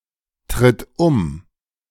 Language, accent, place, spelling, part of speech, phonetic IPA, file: German, Germany, Berlin, tritt um, verb, [ˌtʁɪt ˈʊm], De-tritt um.ogg
- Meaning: inflection of umtreten: 1. third-person singular present 2. singular imperative